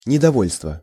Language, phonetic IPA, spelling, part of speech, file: Russian, [nʲɪdɐˈvolʲstvə], недовольство, noun, Ru-недовольство.ogg
- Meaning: discontent, dissatisfaction, displeasure; resentment